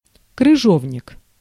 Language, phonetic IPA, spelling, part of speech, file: Russian, [krɨˈʐovnʲɪk], крыжовник, noun, Ru-крыжовник.ogg
- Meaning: gooseberries, gooseberry bush